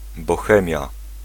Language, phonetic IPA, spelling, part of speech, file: Polish, [bɔˈxɛ̃mʲja], Bohemia, proper noun, Pl-Bohemia.ogg